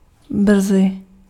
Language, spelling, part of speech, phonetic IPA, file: Czech, brzy, adverb, [ˈbr̩zɪ], Cs-brzy.ogg
- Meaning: 1. early 2. soon